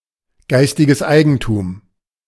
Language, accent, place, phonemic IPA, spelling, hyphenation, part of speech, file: German, Germany, Berlin, /ˈɡaɪ̯stɪɡəs ˈaɪ̯ɡənˌtuːm/, geistiges Eigentum, geis‧ti‧ges Ei‧gen‧tum, noun, De-geistiges Eigentum.ogg
- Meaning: intellectual property